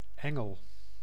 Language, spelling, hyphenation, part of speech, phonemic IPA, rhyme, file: Dutch, engel, en‧gel, noun, /ˈɛŋəl/, -ɛŋəl, Nl-engel.ogg
- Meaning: angel